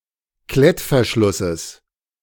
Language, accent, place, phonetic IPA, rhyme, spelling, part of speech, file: German, Germany, Berlin, [ˈklɛtfɛɐ̯ˌʃlʊsəs], -ɛtfɛɐ̯ʃlʊsəs, Klettverschlusses, noun, De-Klettverschlusses.ogg
- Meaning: genitive singular of Klettverschluss